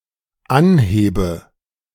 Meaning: inflection of anheben: 1. first-person singular dependent present 2. first/third-person singular dependent subjunctive I
- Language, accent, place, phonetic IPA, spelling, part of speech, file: German, Germany, Berlin, [ˈanˌheːbə], anhebe, verb, De-anhebe.ogg